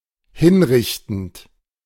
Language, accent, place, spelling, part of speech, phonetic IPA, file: German, Germany, Berlin, hinrichtend, verb, [ˈhɪnˌʁɪçtn̩t], De-hinrichtend.ogg
- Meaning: present participle of hinrichten